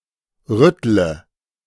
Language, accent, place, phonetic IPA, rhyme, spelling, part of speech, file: German, Germany, Berlin, [ˈʁʏtlə], -ʏtlə, rüttle, verb, De-rüttle.ogg
- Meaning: inflection of rütteln: 1. first-person singular present 2. first/third-person singular subjunctive I 3. singular imperative